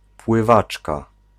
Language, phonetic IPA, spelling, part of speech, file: Polish, [pwɨˈvat͡ʃka], pływaczka, noun, Pl-pływaczka.ogg